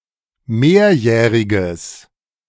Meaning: strong/mixed nominative/accusative neuter singular of mehrjährig
- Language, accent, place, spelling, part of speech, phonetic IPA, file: German, Germany, Berlin, mehrjähriges, adjective, [ˈmeːɐ̯ˌjɛːʁɪɡəs], De-mehrjähriges.ogg